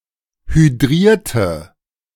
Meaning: inflection of hydrieren: 1. first/third-person singular preterite 2. first/third-person singular subjunctive II
- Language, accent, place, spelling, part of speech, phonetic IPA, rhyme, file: German, Germany, Berlin, hydrierte, adjective / verb, [hyˈdʁiːɐ̯tə], -iːɐ̯tə, De-hydrierte.ogg